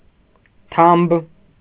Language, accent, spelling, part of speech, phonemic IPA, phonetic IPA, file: Armenian, Eastern Armenian, թամբ, noun, /tʰɑmb/, [tʰɑmb], Hy-թամբ.ogg
- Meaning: 1. saddle (of a horse) 2. packsaddle 3. saddle (of a bicycle or motorcycle) 4. saddle (low point, in the shape of a saddle, between two peaks of a mountain) 5. calf (of a leg) 6. flank (of an animal)